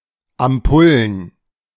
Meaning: plural of Ampulle
- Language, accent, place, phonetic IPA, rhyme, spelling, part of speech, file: German, Germany, Berlin, [amˈpʊlən], -ʊlən, Ampullen, noun, De-Ampullen.ogg